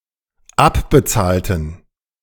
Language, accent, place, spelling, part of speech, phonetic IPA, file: German, Germany, Berlin, abbezahlten, adjective / verb, [ˈapbəˌt͡saːltn̩], De-abbezahlten.ogg
- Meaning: inflection of abbezahlen: 1. first/third-person plural dependent preterite 2. first/third-person plural dependent subjunctive II